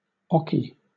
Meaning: A line behind which a player's front foot must be placed when throwing a dart
- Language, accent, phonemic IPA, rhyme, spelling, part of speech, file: English, Southern England, /ˈɒki/, -ɒki, oche, noun, LL-Q1860 (eng)-oche.wav